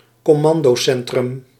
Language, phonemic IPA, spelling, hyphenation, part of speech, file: Dutch, /kɔˈmɑn.doːˌsɛn.trʏm/, commandocentrum, com‧man‧do‧cen‧trum, noun, Nl-commandocentrum.ogg
- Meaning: command centre